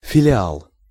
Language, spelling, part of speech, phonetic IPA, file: Russian, филиал, noun, [fʲɪlʲɪˈaɫ], Ru-филиал.ogg
- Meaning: 1. branch office, branch (office of an organization with several locations) 2. subsidiary 3. affiliate